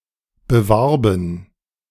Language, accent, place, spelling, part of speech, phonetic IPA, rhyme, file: German, Germany, Berlin, bewarben, verb, [bəˈvaʁbn̩], -aʁbn̩, De-bewarben.ogg
- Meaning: first/third-person plural preterite of bewerben